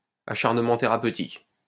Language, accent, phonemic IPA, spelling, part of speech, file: French, France, /a.ʃaʁ.nə.mɑ̃ te.ʁa.pø.tik/, acharnement thérapeutique, noun, LL-Q150 (fra)-acharnement thérapeutique.wav
- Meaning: Providing medical care to keep patients alive when there is no hope that it will benefit or cure them